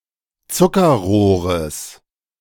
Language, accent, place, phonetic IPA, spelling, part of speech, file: German, Germany, Berlin, [ˈt͡sʊkɐˌʁoːʁəs], Zuckerrohres, noun, De-Zuckerrohres.ogg
- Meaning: genitive singular of Zuckerrohr